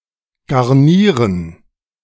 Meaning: to garnish
- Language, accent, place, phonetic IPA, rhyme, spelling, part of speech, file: German, Germany, Berlin, [ɡaʁˈniːʁən], -iːʁən, garnieren, verb, De-garnieren.ogg